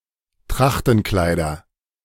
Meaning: nominative/accusative/genitive plural of Trachtenkleid
- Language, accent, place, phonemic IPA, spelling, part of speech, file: German, Germany, Berlin, /ˈtʁaxtn̩ˌklaɪ̯dɐ/, Trachtenkleider, noun, De-Trachtenkleider.ogg